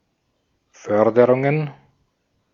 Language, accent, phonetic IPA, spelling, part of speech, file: German, Austria, [ˈfœʁdəʁʊŋən], Förderungen, noun, De-at-Förderungen.ogg
- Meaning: plural of Förderung